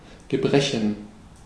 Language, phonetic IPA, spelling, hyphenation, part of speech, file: German, [ɡəˈbʁɛçn̩], gebrechen, ge‧bre‧chen, verb, De-gebrechen.ogg
- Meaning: to lack, to be needed